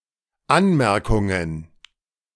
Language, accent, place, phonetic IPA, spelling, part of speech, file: German, Germany, Berlin, [ˈanmɛʁkʊŋən], Anmerkungen, noun, De-Anmerkungen.ogg
- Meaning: plural of Anmerkung